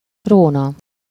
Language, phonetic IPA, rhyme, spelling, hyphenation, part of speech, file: Hungarian, [ˈroːnɒ], -nɒ, róna, ró‧na, noun / verb, Hu-róna.ogg
- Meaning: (noun) plain (an expanse of land with relatively low relief); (verb) third-person singular conditional present indefinite of ró